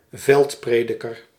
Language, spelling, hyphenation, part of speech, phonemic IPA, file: Dutch, veldprediker, veld‧pre‧di‧ker, noun, /ˈvɛltˌpreː.dɪ.kər/, Nl-veldprediker.ogg
- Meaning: a military chaplain, usually a Protestant one